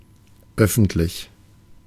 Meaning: public
- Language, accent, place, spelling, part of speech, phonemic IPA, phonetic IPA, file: German, Germany, Berlin, öffentlich, adjective, /ˈœfəntlɪç/, [ˈœfn̩tlɪç], De-öffentlich.ogg